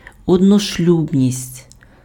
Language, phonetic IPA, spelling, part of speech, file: Ukrainian, [ɔdnoʃˈlʲubnʲisʲtʲ], одношлюбність, noun, Uk-одношлюбність.ogg
- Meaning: monogamy